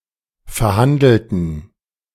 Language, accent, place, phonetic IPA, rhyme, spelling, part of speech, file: German, Germany, Berlin, [fɛɐ̯ˈhandl̩tn̩], -andl̩tn̩, verhandelten, adjective / verb, De-verhandelten.ogg
- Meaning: inflection of verhandeln: 1. first/third-person plural preterite 2. first/third-person plural subjunctive II